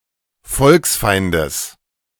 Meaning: genitive of Volksfeind
- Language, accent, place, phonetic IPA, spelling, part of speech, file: German, Germany, Berlin, [ˈfɔlksˌfaɪ̯ndəs], Volksfeindes, noun, De-Volksfeindes.ogg